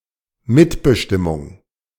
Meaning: participation, (business) codetermination
- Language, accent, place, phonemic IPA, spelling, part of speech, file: German, Germany, Berlin, /ˈmɪtbəˌʃtɪmʊŋ/, Mitbestimmung, noun, De-Mitbestimmung.ogg